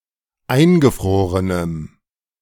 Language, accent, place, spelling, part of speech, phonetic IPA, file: German, Germany, Berlin, eingefrorenem, adjective, [ˈaɪ̯nɡəˌfʁoːʁənəm], De-eingefrorenem.ogg
- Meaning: strong dative masculine/neuter singular of eingefroren